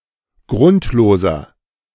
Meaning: inflection of grundlos: 1. strong/mixed nominative masculine singular 2. strong genitive/dative feminine singular 3. strong genitive plural
- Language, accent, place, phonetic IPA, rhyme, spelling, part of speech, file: German, Germany, Berlin, [ˈɡʁʊntloːzɐ], -ʊntloːzɐ, grundloser, adjective, De-grundloser.ogg